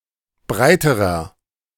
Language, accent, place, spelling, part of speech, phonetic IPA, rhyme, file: German, Germany, Berlin, breiterer, adjective, [ˈbʁaɪ̯təʁɐ], -aɪ̯təʁɐ, De-breiterer.ogg
- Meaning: inflection of breit: 1. strong/mixed nominative masculine singular comparative degree 2. strong genitive/dative feminine singular comparative degree 3. strong genitive plural comparative degree